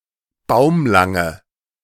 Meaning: inflection of baumlang: 1. strong/mixed nominative/accusative feminine singular 2. strong nominative/accusative plural 3. weak nominative all-gender singular
- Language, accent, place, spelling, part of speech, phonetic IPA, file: German, Germany, Berlin, baumlange, adjective, [ˈbaʊ̯mlaŋə], De-baumlange.ogg